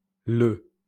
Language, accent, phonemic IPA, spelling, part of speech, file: French, France, /lə/, Le, proper noun, LL-Q150 (fra)-Le.wav
- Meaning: a surname from Vietnamese